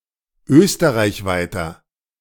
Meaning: inflection of österreichweit: 1. strong/mixed nominative masculine singular 2. strong genitive/dative feminine singular 3. strong genitive plural
- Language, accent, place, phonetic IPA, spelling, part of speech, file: German, Germany, Berlin, [ˈøːstəʁaɪ̯çˌvaɪ̯tɐ], österreichweiter, adjective, De-österreichweiter.ogg